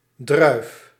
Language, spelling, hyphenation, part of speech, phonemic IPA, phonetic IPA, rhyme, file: Dutch, druif, druif, noun, /drœy̯f/, [drœy̯f], -œy̯f, Nl-druif.ogg
- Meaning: 1. grape 2. grapeshot, shrapnel round